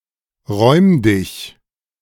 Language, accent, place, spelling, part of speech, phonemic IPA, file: German, Germany, Berlin, räumdig, adjective, /ˈʁɔɪ̯mdɪç/, De-räumdig.ogg
- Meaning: lightly forested